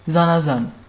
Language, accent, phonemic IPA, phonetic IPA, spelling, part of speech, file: Armenian, Eastern Armenian, /zɑnɑˈzɑn/, [zɑnɑzɑ́n], զանազան, adjective, Hy-զանազան.ogg
- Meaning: different, various, diverse